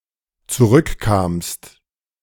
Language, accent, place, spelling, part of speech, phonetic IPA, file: German, Germany, Berlin, zurückkamst, verb, [t͡suˈʁʏkˌkaːmst], De-zurückkamst.ogg
- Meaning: second-person singular dependent preterite of zurückkommen